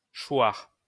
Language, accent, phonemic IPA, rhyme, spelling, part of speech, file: French, France, /ʃwaʁ/, -waʁ, choir, verb, LL-Q150 (fra)-choir.wav
- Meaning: to fall